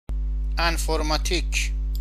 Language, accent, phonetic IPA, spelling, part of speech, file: Persian, Iran, [ʔæɱ.foɹ.mɒː.t̪ʰíːkʰʲ], انفورماتیک, noun, Fa-انفورماتیک.ogg
- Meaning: 1. computer science 2. information science 3. informatics